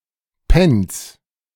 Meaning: plural of Panz
- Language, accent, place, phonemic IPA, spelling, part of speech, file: German, Germany, Berlin, /pɛn(t)s/, Pänz, noun, De-Pänz.ogg